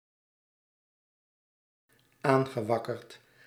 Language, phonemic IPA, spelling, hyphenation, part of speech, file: Dutch, /ˈaŋɣəˌwɑkərt/, aangewakkerd, aan‧ge‧wak‧kerd, adjective / verb, Nl-aangewakkerd.ogg
- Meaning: past participle of aanwakkeren